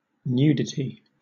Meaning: 1. The state or quality of being without clothing on the body; specifically, the quality of being without clothing on the genitals 2. Something or someone without clothes
- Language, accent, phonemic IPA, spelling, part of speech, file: English, Southern England, /ˈnjudɪˌti/, nudity, noun, LL-Q1860 (eng)-nudity.wav